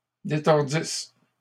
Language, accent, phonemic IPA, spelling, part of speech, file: French, Canada, /de.tɔʁ.dis/, détordissent, verb, LL-Q150 (fra)-détordissent.wav
- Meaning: third-person plural imperfect subjunctive of détordre